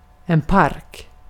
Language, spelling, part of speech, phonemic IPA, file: Swedish, park, noun, /parːk/, Sv-park.ogg
- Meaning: 1. a park (similar senses to English) 2. a park (set, in the UK sense)